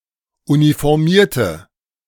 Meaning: 1. female equivalent of Uniformierter: woman in uniform 2. inflection of Uniformierter: strong nominative/accusative plural 3. inflection of Uniformierter: weak nominative singular
- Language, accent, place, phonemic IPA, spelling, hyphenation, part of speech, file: German, Germany, Berlin, /unifɔʁˈmiːɐ̯tə/, Uniformierte, Uni‧for‧mier‧te, noun, De-Uniformierte.ogg